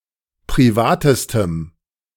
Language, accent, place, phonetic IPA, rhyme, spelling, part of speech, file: German, Germany, Berlin, [pʁiˈvaːtəstəm], -aːtəstəm, privatestem, adjective, De-privatestem.ogg
- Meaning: strong dative masculine/neuter singular superlative degree of privat